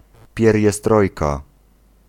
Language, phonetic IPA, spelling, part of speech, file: Polish, [ˌpʲjɛrʲjɛˈstrɔjka], pieriestrojka, noun, Pl-pieriestrojka.ogg